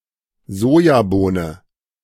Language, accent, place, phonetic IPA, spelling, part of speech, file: German, Germany, Berlin, [ˈzoːjaˌboːnə], Sojabohne, noun, De-Sojabohne.ogg
- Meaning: soy bean